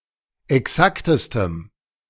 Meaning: strong dative masculine/neuter singular superlative degree of exakt
- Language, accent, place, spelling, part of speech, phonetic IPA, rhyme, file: German, Germany, Berlin, exaktestem, adjective, [ɛˈksaktəstəm], -aktəstəm, De-exaktestem.ogg